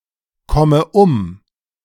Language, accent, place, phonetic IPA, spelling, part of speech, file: German, Germany, Berlin, [ˌkɔmə ˈʊm], komme um, verb, De-komme um.ogg
- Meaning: inflection of umkommen: 1. first-person singular present 2. first/third-person singular subjunctive I 3. singular imperative